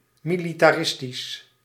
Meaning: militaristic
- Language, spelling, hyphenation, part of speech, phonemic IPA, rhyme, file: Dutch, militaristisch, mi‧li‧ta‧ris‧tisch, adjective, /militaːˈrɪstiʃ/, -ɪstiʃ, Nl-militaristisch.ogg